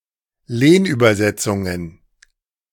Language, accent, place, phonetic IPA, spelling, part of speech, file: German, Germany, Berlin, [ˈleːnʔyːbɐˌzɛt͡sʊŋən], Lehnübersetzungen, noun, De-Lehnübersetzungen.ogg
- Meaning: plural of Lehnübersetzung